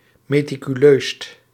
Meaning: superlative degree of meticuleus
- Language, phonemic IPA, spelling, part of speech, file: Dutch, /meː.ti.kyˈløːst/, meticuleust, adjective, Nl-meticuleust.ogg